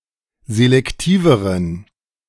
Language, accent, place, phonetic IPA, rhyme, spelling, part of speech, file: German, Germany, Berlin, [zelɛkˈtiːvəʁən], -iːvəʁən, selektiveren, adjective, De-selektiveren.ogg
- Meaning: inflection of selektiv: 1. strong genitive masculine/neuter singular comparative degree 2. weak/mixed genitive/dative all-gender singular comparative degree